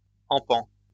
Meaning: spand, span (imperial measurement equivalent to nine inches)
- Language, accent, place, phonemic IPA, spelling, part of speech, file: French, France, Lyon, /ɑ̃.pɑ̃/, empan, noun, LL-Q150 (fra)-empan.wav